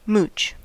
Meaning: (verb) 1. To wander around aimlessly, often causing irritation to others 2. To beg, cadge, or sponge; to exploit or take advantage of others for personal gain 3. To steal or filch
- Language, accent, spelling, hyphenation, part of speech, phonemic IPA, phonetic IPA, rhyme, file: English, US, mooch, mooch, verb / noun / determiner, /ˈmuːt͡ʃ/, [ˈmʊu̯t͡ʃ], -uːtʃ, En-us-mooch.ogg